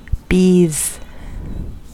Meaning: plural of bee
- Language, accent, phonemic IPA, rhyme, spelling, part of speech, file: English, US, /ˈbiːz/, -iːz, bees, noun, En-us-bees.ogg